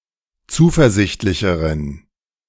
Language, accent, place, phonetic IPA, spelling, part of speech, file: German, Germany, Berlin, [ˈt͡suːfɛɐ̯ˌzɪçtlɪçəʁən], zuversichtlicheren, adjective, De-zuversichtlicheren.ogg
- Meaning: inflection of zuversichtlich: 1. strong genitive masculine/neuter singular comparative degree 2. weak/mixed genitive/dative all-gender singular comparative degree